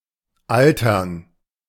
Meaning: to age
- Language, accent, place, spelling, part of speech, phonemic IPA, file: German, Germany, Berlin, altern, verb, /ˈʔaltɐn/, De-altern.ogg